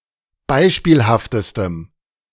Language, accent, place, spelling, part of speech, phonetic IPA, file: German, Germany, Berlin, beispielhaftestem, adjective, [ˈbaɪ̯ʃpiːlhaftəstəm], De-beispielhaftestem.ogg
- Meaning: strong dative masculine/neuter singular superlative degree of beispielhaft